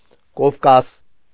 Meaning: Caucasus
- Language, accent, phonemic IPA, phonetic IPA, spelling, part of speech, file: Armenian, Eastern Armenian, /kofˈkɑs/, [kofkɑ́s], Կովկաս, proper noun, Hy-Կովկաս.ogg